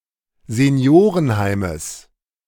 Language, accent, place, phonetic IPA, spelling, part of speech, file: German, Germany, Berlin, [zeˈni̯oːʁənˌhaɪ̯məs], Seniorenheimes, noun, De-Seniorenheimes.ogg
- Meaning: genitive singular of Seniorenheim